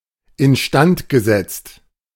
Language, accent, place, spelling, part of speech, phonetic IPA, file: German, Germany, Berlin, instand gesetzt, phrase, [ɪnˈʃtant ɡəˌzɛt͡st], De-instand gesetzt.ogg
- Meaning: past participle of instand setzen